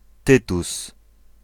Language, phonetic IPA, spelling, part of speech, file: Polish, [ˈtɨtus], Tytus, proper noun, Pl-Tytus.ogg